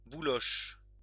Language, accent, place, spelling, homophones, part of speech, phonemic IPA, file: French, France, Lyon, bouloche, boulochent / bouloches, noun / verb, /bu.lɔʃ/, LL-Q150 (fra)-bouloche.wav
- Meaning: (noun) pilling (of textile); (verb) inflection of boulocher: 1. first/third-person singular present indicative/subjunctive 2. second-person singular imperative